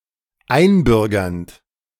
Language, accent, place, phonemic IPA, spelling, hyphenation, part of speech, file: German, Germany, Berlin, /ˈaɪ̯nˌbʏʁɡɐnt/, einbürgernd, ein‧bür‧gernd, verb, De-einbürgernd.ogg
- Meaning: present participle of einbürgern